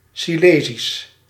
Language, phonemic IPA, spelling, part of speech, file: Dutch, /siˈleːzis/, Silezisch, adjective, Nl-Silezisch.ogg
- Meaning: Silesian